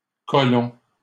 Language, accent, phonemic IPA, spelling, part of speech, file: French, Canada, /kɔ.lɔ̃/, colons, noun, LL-Q150 (fra)-colons.wav
- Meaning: plural of colon